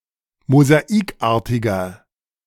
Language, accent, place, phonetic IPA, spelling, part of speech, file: German, Germany, Berlin, [mozaˈiːkˌʔaːɐ̯tɪɡɐ], mosaikartiger, adjective, De-mosaikartiger.ogg
- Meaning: 1. comparative degree of mosaikartig 2. inflection of mosaikartig: strong/mixed nominative masculine singular 3. inflection of mosaikartig: strong genitive/dative feminine singular